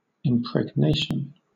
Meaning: 1. The act of making pregnant; fertilization 2. The fact or process of imbuing or saturating with something; diffusion of some element, idea etc. through a medium or substance
- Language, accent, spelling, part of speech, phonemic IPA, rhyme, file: English, Southern England, impregnation, noun, /ɪmpɹɛɡˈneɪʃən/, -eɪʃən, LL-Q1860 (eng)-impregnation.wav